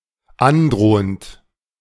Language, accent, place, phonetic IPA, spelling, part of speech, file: German, Germany, Berlin, [ˈanˌdʁoːənt], androhend, verb, De-androhend.ogg
- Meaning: present participle of androhen